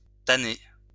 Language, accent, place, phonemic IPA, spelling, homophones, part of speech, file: French, France, Lyon, /ta.ne/, tanné, tannai / tannée / tannées / tanner / tannés / tannez, noun / verb / adjective, LL-Q150 (fra)-tanné.wav
- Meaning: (noun) tenné, a rarely-used tincture of orange or bright brown; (verb) past participle of tanner; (adjective) 1. tan or reddish-brown in colour, tenné 2. weather-beaten 3. exhausted, fatigued